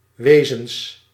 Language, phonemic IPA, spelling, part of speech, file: Dutch, /ˈʋeːzə(n)s/, wezens, noun, Nl-wezens.ogg
- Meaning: plural of wezen